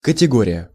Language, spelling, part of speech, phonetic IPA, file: Russian, категория, noun, [kətʲɪˈɡorʲɪjə], Ru-категория.ogg
- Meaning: category